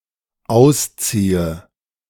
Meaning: inflection of ausziehen: 1. first-person singular dependent present 2. first/third-person singular dependent subjunctive I
- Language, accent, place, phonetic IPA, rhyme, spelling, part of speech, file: German, Germany, Berlin, [ˈaʊ̯sˌt͡siːə], -aʊ̯st͡siːə, ausziehe, verb, De-ausziehe.ogg